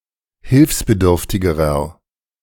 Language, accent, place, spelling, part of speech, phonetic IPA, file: German, Germany, Berlin, hilfsbedürftigerer, adjective, [ˈhɪlfsbəˌdʏʁftɪɡəʁɐ], De-hilfsbedürftigerer.ogg
- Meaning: inflection of hilfsbedürftig: 1. strong/mixed nominative masculine singular comparative degree 2. strong genitive/dative feminine singular comparative degree